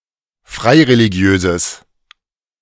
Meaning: strong/mixed nominative/accusative neuter singular of freireligiös
- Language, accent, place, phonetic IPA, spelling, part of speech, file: German, Germany, Berlin, [ˈfʁaɪ̯ʁeliˌɡi̯øːzəs], freireligiöses, adjective, De-freireligiöses.ogg